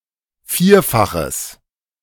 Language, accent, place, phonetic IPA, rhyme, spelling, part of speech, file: German, Germany, Berlin, [ˈfiːɐ̯faxəs], -iːɐ̯faxəs, vierfaches, adjective, De-vierfaches.ogg
- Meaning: strong/mixed nominative/accusative neuter singular of vierfach